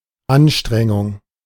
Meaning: 1. effort 2. strenuousness, strain
- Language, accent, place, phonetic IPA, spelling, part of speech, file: German, Germany, Berlin, [ˈanˌʃtʁɛŋʊŋ], Anstrengung, noun, De-Anstrengung.ogg